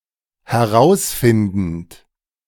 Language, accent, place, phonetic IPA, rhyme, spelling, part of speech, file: German, Germany, Berlin, [hɛˈʁaʊ̯sˌfɪndn̩t], -aʊ̯sfɪndn̩t, herausfindend, verb, De-herausfindend.ogg
- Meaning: present participle of herausfinden